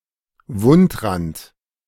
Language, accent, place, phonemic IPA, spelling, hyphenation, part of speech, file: German, Germany, Berlin, /ˈvʊntˌʁant/, Wundrand, Wund‧rand, noun, De-Wundrand.ogg
- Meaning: wound edge